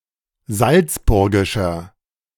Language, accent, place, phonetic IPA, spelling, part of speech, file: German, Germany, Berlin, [ˈzalt͡sˌbʊʁɡɪʃɐ], salzburgischer, adjective, De-salzburgischer.ogg
- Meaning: 1. comparative degree of salzburgisch 2. inflection of salzburgisch: strong/mixed nominative masculine singular 3. inflection of salzburgisch: strong genitive/dative feminine singular